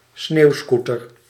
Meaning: snowmobile
- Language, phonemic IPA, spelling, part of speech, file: Dutch, /ˈsnewskutər/, sneeuwscooter, noun, Nl-sneeuwscooter.ogg